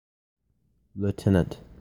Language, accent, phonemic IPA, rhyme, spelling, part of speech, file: English, US, /l(j)uˈtɛn.ənt/, -ɛnənt, lieutenant, noun / adjective, En-lieutenant.oga